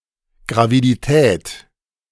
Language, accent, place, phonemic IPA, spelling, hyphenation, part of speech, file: German, Germany, Berlin, /ɡʁavidiˈtɛːt/, Gravidität, Gra‧vi‧di‧tät, noun, De-Gravidität.ogg
- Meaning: gravidity